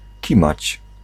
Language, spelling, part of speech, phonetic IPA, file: Polish, kimać, verb, [ˈcĩmat͡ɕ], Pl-kimać.ogg